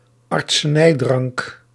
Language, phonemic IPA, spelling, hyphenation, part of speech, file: Dutch, /ɑrt.səˈnɛi̯ˌdrɑŋk/, artsenijdrank, art‧se‧nij‧drank, noun, Nl-artsenijdrank.ogg
- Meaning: a medical draught, a medical potion